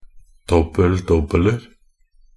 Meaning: indefinite plural of dobbel-dobbel
- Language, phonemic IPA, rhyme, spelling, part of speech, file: Norwegian Bokmål, /ˈdɔbːəl.dɔbːələr/, -ər, dobbel-dobbeler, noun, Nb-dobbel-dobbeler.ogg